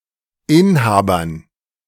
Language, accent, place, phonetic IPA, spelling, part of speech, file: German, Germany, Berlin, [ˈɪnˌhaːbɐn], Inhabern, noun, De-Inhabern.ogg
- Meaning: dative plural of Inhaber